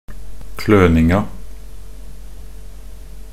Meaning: definite feminine singular of kløning
- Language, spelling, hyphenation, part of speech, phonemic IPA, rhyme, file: Norwegian Bokmål, kløninga, kløn‧ing‧a, noun, /ˈkløːnɪŋa/, -ɪŋa, Nb-kløninga.ogg